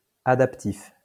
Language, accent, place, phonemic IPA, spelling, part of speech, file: French, France, Lyon, /a.dap.tif/, adaptif, adjective, LL-Q150 (fra)-adaptif.wav
- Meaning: adaptive